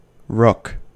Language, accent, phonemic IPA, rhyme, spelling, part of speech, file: English, US, /ɹʊk/, -ʊk, rook, noun / verb, En-us-rook.ogg
- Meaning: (noun) 1. A European bird, Corvus frugilegus, of the crow family 2. A cheat or swindler; someone who betrays 3. A bad deal; a rip-off